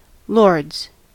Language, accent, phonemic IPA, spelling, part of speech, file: English, US, /lɔɹdz/, lords, noun / verb, En-us-lords.ogg
- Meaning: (noun) plural of lord; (verb) third-person singular simple present indicative of lord